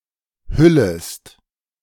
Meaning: second-person singular subjunctive I of hüllen
- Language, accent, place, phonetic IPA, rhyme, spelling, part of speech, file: German, Germany, Berlin, [ˈhʏləst], -ʏləst, hüllest, verb, De-hüllest.ogg